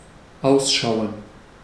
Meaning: 1. to look, to appear 2. to look out
- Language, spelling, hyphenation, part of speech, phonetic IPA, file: German, ausschauen, aus‧schau‧en, verb, [ˈaʊ̯sˌʃaʊ̯ən], De-ausschauen.ogg